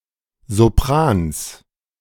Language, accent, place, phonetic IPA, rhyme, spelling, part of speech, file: German, Germany, Berlin, [zoˈpʁaːns], -aːns, Soprans, noun, De-Soprans.ogg
- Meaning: genitive singular of Sopran